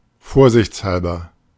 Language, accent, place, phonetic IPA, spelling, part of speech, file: German, Germany, Berlin, [ˈfoːɐ̯zɪçt͡sˌhalbɐ], vorsichtshalber, adverb, De-vorsichtshalber.ogg
- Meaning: as a precaution